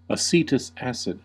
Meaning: A name formerly given to vinegar
- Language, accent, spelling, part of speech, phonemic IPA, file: English, US, acetous acid, noun, /əˈsiːtəs ˈæsɪd/, En-us-acetous acid.ogg